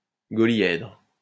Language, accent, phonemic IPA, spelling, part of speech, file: French, France, /ɡɔ.ljɛdʁ/, golyèdre, noun, LL-Q150 (fra)-golyèdre.wav
- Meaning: golyhedron